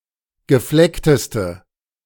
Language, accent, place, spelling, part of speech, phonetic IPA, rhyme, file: German, Germany, Berlin, gefleckteste, adjective, [ɡəˈflɛktəstə], -ɛktəstə, De-gefleckteste.ogg
- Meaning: inflection of gefleckt: 1. strong/mixed nominative/accusative feminine singular superlative degree 2. strong nominative/accusative plural superlative degree